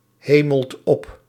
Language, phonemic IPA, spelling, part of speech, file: Dutch, /ˈheməlt ˈɔp/, hemelt op, verb, Nl-hemelt op.ogg
- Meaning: inflection of ophemelen: 1. second/third-person singular present indicative 2. plural imperative